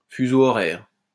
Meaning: time zone (range of longitudes where a common standard time is used)
- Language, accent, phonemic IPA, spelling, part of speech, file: French, France, /fy.zo ɔ.ʁɛʁ/, fuseau horaire, noun, LL-Q150 (fra)-fuseau horaire.wav